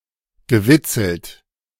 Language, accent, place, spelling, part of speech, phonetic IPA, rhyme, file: German, Germany, Berlin, gewitzelt, verb, [ɡəˈvɪt͡sl̩t], -ɪt͡sl̩t, De-gewitzelt.ogg
- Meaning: past participle of witzeln